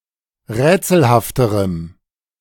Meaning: strong dative masculine/neuter singular comparative degree of rätselhaft
- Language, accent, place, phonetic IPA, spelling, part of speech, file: German, Germany, Berlin, [ˈʁɛːt͡sl̩haftəʁəm], rätselhafterem, adjective, De-rätselhafterem.ogg